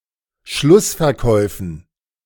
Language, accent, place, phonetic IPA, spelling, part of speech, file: German, Germany, Berlin, [ˈʃlʊsfɛɐ̯ˌkɔɪ̯fn̩], Schlussverkäufen, noun, De-Schlussverkäufen.ogg
- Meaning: dative plural of Schlussverkauf